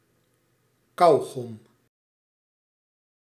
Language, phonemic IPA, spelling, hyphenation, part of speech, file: Dutch, /ˈkɑu.ɣɔm/, kauwgom, kauw‧gom, noun, Nl-kauwgom.ogg
- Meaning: chewing gum